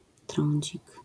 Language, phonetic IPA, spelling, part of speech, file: Polish, [ˈtrɔ̃ɲd͡ʑik], trądzik, noun, LL-Q809 (pol)-trądzik.wav